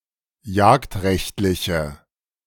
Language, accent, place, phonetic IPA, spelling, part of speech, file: German, Germany, Berlin, [ˈjaːktˌʁɛçtlɪçə], jagdrechtliche, adjective, De-jagdrechtliche.ogg
- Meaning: inflection of jagdrechtlich: 1. strong/mixed nominative/accusative feminine singular 2. strong nominative/accusative plural 3. weak nominative all-gender singular